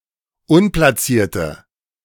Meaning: inflection of unplatziert: 1. strong/mixed nominative/accusative feminine singular 2. strong nominative/accusative plural 3. weak nominative all-gender singular
- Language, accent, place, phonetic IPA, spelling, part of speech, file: German, Germany, Berlin, [ˈʊnplaˌt͡siːɐ̯tə], unplatzierte, adjective, De-unplatzierte.ogg